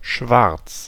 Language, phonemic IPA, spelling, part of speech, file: German, /ʃvarts/, schwarz, adjective, De-schwarz2.ogg
- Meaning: 1. black, reflecting little or no light 2. illegal 3. black, having a high amount of melanin in an organ, e.g. the skin